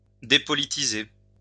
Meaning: to depoliticize, depoliticise
- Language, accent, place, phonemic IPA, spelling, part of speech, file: French, France, Lyon, /de.pɔ.li.ti.ze/, dépolitiser, verb, LL-Q150 (fra)-dépolitiser.wav